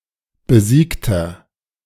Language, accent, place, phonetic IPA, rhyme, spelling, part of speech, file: German, Germany, Berlin, [bəˈziːktɐ], -iːktɐ, besiegter, adjective, De-besiegter.ogg
- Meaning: inflection of besiegt: 1. strong/mixed nominative masculine singular 2. strong genitive/dative feminine singular 3. strong genitive plural